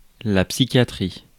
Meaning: psychiatry
- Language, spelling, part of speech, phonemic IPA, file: French, psychiatrie, noun, /psi.kja.tʁi/, Fr-psychiatrie.ogg